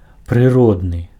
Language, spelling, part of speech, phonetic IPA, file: Belarusian, прыродны, adjective, [prɨˈrodnɨ], Be-прыродны.ogg
- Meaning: natural